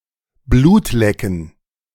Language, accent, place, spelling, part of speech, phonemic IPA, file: German, Germany, Berlin, Blut lecken, verb, /ˈbluːt ˈlɛkn̩/, De-Blut lecken.ogg
- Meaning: to taste blood